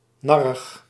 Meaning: peevish, grumpy, irritable
- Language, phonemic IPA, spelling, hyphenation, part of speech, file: Dutch, /ˈnɑ.rəx/, narrig, nar‧rig, adjective, Nl-narrig.ogg